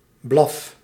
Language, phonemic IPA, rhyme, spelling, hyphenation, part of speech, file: Dutch, /blɑf/, -ɑf, blaf, blaf, noun / verb, Nl-blaf.ogg
- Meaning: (noun) a single yelp of (notably canine) barking, a bark; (verb) inflection of blaffen: 1. first-person singular present indicative 2. second-person singular present indicative 3. imperative